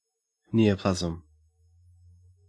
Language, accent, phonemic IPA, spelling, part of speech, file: English, Australia, /ˈniːoʊˌplæzəm/, neoplasm, noun, En-au-neoplasm.ogg
- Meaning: An abnormal new growth of disorganized tissue in animals or plants